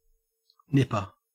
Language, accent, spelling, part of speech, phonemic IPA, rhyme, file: English, Australia, nipper, noun / verb, /ˈnɪpə(ɹ)/, -ɪpə(ɹ), En-au-nipper.ogg
- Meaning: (noun) 1. One who, or that which, nips 2. Any of various devices (as pincers) for nipping 3. A child 4. A child aged from 5 to 13 in the Australian surf life-saving clubs